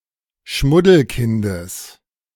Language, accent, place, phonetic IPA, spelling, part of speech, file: German, Germany, Berlin, [ˈʃmʊdl̩ˌkɪndəs], Schmuddelkindes, noun, De-Schmuddelkindes.ogg
- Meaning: genitive singular of Schmuddelkind